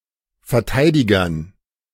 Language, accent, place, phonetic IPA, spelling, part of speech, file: German, Germany, Berlin, [fɛɐ̯ˈtaɪ̯dɪɡɐn], Verteidigern, noun, De-Verteidigern.ogg
- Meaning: dative plural of Verteidiger